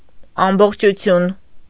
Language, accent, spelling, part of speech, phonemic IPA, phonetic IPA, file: Armenian, Eastern Armenian, ամբողջություն, noun, /ɑmboχt͡ʃʰuˈtʰjun/, [ɑmboχt͡ʃʰut͡sʰjún], Hy-ամբողջություն.ogg
- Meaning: whole, entirety, integrity